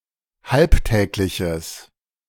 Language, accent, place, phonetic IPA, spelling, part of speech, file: German, Germany, Berlin, [ˈhalpˌtɛːklɪçəs], halbtägliches, adjective, De-halbtägliches.ogg
- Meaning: strong/mixed nominative/accusative neuter singular of halbtäglich